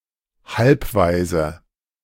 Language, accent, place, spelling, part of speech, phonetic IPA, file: German, Germany, Berlin, Halbwaise, noun, [ˈhalpˌvaɪ̯zə], De-Halbwaise.ogg
- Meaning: half orphan